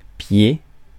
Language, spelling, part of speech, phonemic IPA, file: French, pied, noun, /pje/, Fr-pied.ogg
- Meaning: 1. foot 2. leg, foot (projection on the bottom of a piece of equipment to support it) 3. a unit of measure equal to 32.5 centimetres 4. Translation for English foot (approx. 30.5 centimetres)